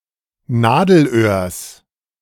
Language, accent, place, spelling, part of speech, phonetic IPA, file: German, Germany, Berlin, Nadelöhrs, noun, [ˈnaːdl̩ˌʔøːɐ̯s], De-Nadelöhrs.ogg
- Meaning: genitive singular of Nadelöhr